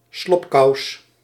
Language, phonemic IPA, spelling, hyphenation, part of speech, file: Dutch, /ˈslɔp.kɑu̯s/, slobkous, slob‧kous, noun, Nl-slobkous.ogg
- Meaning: gaiter, spat